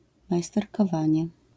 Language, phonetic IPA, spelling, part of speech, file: Polish, [ˌmajstɛrkɔˈvãɲɛ], majsterkowanie, noun, LL-Q809 (pol)-majsterkowanie.wav